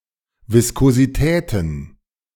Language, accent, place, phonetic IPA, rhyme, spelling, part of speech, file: German, Germany, Berlin, [ˌvɪskoziˈtɛːtn̩], -ɛːtn̩, Viskositäten, noun, De-Viskositäten.ogg
- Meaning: plural of Viskosität